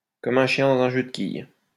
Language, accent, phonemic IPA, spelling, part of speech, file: French, France, /kɔm œ̃ ʃjɛ̃ dɑ̃.z‿œ̃ ʒø d(ə) kij/, comme un chien dans un jeu de quilles, adverb, LL-Q150 (fra)-comme un chien dans un jeu de quilles.wav
- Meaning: very suddenly and incongruously